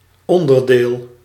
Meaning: component
- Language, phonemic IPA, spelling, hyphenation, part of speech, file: Dutch, /ˈɔndərdeːl/, onderdeel, on‧der‧deel, noun, Nl-onderdeel.ogg